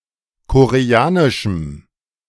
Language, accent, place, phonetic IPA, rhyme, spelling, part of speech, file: German, Germany, Berlin, [koʁeˈaːnɪʃm̩], -aːnɪʃm̩, koreanischem, adjective, De-koreanischem.ogg
- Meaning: strong dative masculine/neuter singular of koreanisch